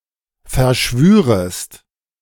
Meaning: second-person singular subjunctive II of verschwören
- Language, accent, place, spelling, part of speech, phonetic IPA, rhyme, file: German, Germany, Berlin, verschwürest, verb, [fɛɐ̯ˈʃvyːʁəst], -yːʁəst, De-verschwürest.ogg